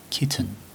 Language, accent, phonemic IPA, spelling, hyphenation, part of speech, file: English, Received Pronunciation, /ˈkɪtən̩/, kitten, kit‧ten, noun / verb, En-uk-kitten.ogg
- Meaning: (noun) 1. A young cat, especially before sexual maturity (reached at about seven months) 2. A young rabbit, rat, hedgehog, squirrel, fox, beaver, badger, etc 3. A moth of the genus Furcula